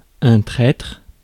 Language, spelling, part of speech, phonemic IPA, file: French, traître, noun / adjective, /tʁɛtʁ/, Fr-traître.ogg
- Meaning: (noun) betrayer, traitor; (adjective) treacherous